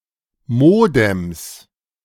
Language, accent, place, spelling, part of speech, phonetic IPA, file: German, Germany, Berlin, Modems, noun, [ˈmoːdɛms], De-Modems.ogg
- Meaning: plural of Modem